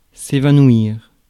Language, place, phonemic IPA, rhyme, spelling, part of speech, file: French, Paris, /e.va.nwiʁ/, -iʁ, évanouir, verb, Fr-évanouir.ogg
- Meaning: 1. to lose consciousness; to faint 2. to vanish or disappear without a trace, especially things